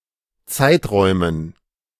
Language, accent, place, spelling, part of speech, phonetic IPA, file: German, Germany, Berlin, Zeiträumen, noun, [ˈt͡saɪ̯tˌʁɔɪ̯mən], De-Zeiträumen.ogg
- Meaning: dative plural of Zeitraum